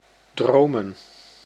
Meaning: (verb) to dream; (noun) plural of droom
- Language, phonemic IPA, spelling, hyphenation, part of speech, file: Dutch, /ˈdroːmə(n)/, dromen, dro‧men, verb / noun, Nl-dromen.ogg